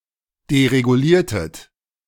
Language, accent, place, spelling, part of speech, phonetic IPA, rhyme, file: German, Germany, Berlin, dereguliertet, verb, [deʁeɡuˈliːɐ̯tət], -iːɐ̯tət, De-dereguliertet.ogg
- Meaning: inflection of deregulieren: 1. second-person plural preterite 2. second-person plural subjunctive II